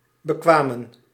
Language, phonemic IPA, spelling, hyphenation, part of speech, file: Dutch, /bəˈkʋaːmə(n)/, bekwamen, be‧kwa‧men, verb, Nl-bekwamen.ogg
- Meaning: 1. to train 2. to study 3. inflection of bekomen: plural past indicative 4. inflection of bekomen: plural past subjunctive